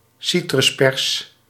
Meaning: a lemon squeezer
- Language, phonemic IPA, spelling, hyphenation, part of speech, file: Dutch, /ˈsi.trʏsˌpɛrs/, citruspers, ci‧trus‧pers, noun, Nl-citruspers.ogg